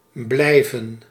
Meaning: 1. to stay, to remain 2. to stay, to remain, to still be 3. to keep/keep on, to continue (remain doing/behaving)
- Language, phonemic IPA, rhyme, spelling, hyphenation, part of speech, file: Dutch, /ˈblɛi̯vən/, -ɛi̯vən, blijven, blij‧ven, verb, Nl-blijven.ogg